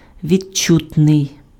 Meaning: 1. perceptible (able to be perceived by the senses) 2. tangible, palpable (able to be perceived by touch)
- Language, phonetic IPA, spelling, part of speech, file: Ukrainian, [ʋʲid͡ʒˈt͡ʃutnei̯], відчутний, adjective, Uk-відчутний.ogg